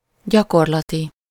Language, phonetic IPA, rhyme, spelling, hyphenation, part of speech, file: Hungarian, [ˈɟɒkorlɒti], -ti, gyakorlati, gya‧kor‧la‧ti, adjective, Hu-gyakorlati.ogg
- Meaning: practical, real, empirical